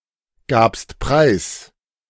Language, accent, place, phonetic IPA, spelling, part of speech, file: German, Germany, Berlin, [ˌɡaːpst ˈpʁaɪ̯s], gabst preis, verb, De-gabst preis.ogg
- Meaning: second-person singular preterite of preisgeben